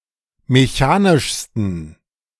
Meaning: 1. superlative degree of mechanisch 2. inflection of mechanisch: strong genitive masculine/neuter singular superlative degree
- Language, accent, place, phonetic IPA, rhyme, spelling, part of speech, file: German, Germany, Berlin, [meˈçaːnɪʃstn̩], -aːnɪʃstn̩, mechanischsten, adjective, De-mechanischsten.ogg